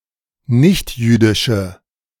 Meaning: inflection of nichtjüdisch: 1. strong/mixed nominative/accusative feminine singular 2. strong nominative/accusative plural 3. weak nominative all-gender singular
- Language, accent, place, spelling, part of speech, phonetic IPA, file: German, Germany, Berlin, nichtjüdische, adjective, [ˈnɪçtˌjyːdɪʃə], De-nichtjüdische.ogg